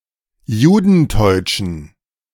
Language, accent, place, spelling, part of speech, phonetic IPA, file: German, Germany, Berlin, judenteutschen, adjective, [ˈjuːdn̩ˌtɔɪ̯t͡ʃn̩], De-judenteutschen.ogg
- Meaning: inflection of judenteutsch: 1. strong genitive masculine/neuter singular 2. weak/mixed genitive/dative all-gender singular 3. strong/weak/mixed accusative masculine singular 4. strong dative plural